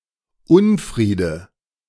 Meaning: strife
- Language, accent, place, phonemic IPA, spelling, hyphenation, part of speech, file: German, Germany, Berlin, /ˈʊnˌfʁiːdə/, Unfriede, Un‧frie‧de, noun, De-Unfriede.ogg